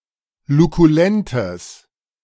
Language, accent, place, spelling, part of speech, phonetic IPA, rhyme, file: German, Germany, Berlin, lukulentes, adjective, [lukuˈlɛntəs], -ɛntəs, De-lukulentes.ogg
- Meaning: strong/mixed nominative/accusative neuter singular of lukulent